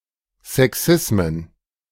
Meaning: plural of Sexismus
- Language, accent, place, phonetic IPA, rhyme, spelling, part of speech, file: German, Germany, Berlin, [zɛˈksɪsmən], -ɪsmən, Sexismen, noun, De-Sexismen.ogg